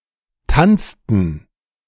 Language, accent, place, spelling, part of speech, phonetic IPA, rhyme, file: German, Germany, Berlin, tanzten, verb, [ˈtant͡stn̩], -ant͡stn̩, De-tanzten.ogg
- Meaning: inflection of tanzen: 1. first/third-person plural preterite 2. first/third-person plural subjunctive II